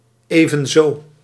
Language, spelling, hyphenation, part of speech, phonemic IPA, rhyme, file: Dutch, evenzo, even‧zo, adverb, /ˌeː.və(n)ˈzoː/, -oː, Nl-evenzo.ogg
- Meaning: likewise